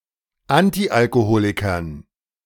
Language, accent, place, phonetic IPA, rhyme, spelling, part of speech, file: German, Germany, Berlin, [ˈantiʔalkoˌhoːlɪkɐn], -oːlɪkɐn, Antialkoholikern, noun, De-Antialkoholikern.ogg
- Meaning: dative plural of Antialkoholiker